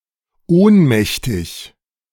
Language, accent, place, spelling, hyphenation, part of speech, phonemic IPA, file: German, Germany, Berlin, ohnmächtig, ohn‧mäch‧tig, adjective, /ˈoːnˌmɛçtɪç/, De-ohnmächtig.ogg
- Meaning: 1. unconscious (Having lost consciousness for a short time as in ohnmächtig werden ("to faint, to pass out").) 2. powerless, helpless